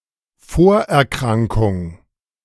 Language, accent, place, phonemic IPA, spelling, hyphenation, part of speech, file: German, Germany, Berlin, /ˈfoːɐ̯ɛɐ̯ˌkʁaŋkʊŋ/, Vorerkrankung, Vor‧er‧kran‧kung, noun, De-Vorerkrankung.ogg
- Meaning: pre-existing condition / disease